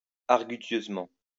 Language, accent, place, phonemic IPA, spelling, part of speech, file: French, France, Lyon, /aʁ.ɡy.sjøz.mɑ̃/, argutieusement, adverb, LL-Q150 (fra)-argutieusement.wav
- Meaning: quibblingly